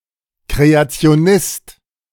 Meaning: creationist (male or of unspecified gender)
- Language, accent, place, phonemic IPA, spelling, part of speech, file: German, Germany, Berlin, /kʁeat͡sɪ̯oˈnɪst/, Kreationist, noun, De-Kreationist.ogg